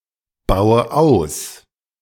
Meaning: inflection of ausbauen: 1. first-person singular present 2. first/third-person singular subjunctive I 3. singular imperative
- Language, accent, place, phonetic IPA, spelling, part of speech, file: German, Germany, Berlin, [ˌbaʊ̯ə ˈaʊ̯s], baue aus, verb, De-baue aus.ogg